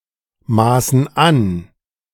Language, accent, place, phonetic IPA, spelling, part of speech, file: German, Germany, Berlin, [ˌmaːsn̩ ˈan], maßen an, verb, De-maßen an.ogg
- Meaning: inflection of anmaßen: 1. first/third-person plural present 2. first/third-person plural subjunctive I